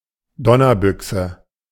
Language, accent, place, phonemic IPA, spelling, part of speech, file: German, Germany, Berlin, /ˈdɔnɐˌbʏksə/, Donnerbüchse, noun, De-Donnerbüchse.ogg
- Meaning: blunderbuss